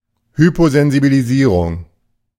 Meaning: hyposensitization
- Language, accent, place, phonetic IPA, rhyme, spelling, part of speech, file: German, Germany, Berlin, [ˌhypozɛnzibiliˈziːʁʊŋ], -iːʁʊŋ, Hyposensibilisierung, noun, De-Hyposensibilisierung.ogg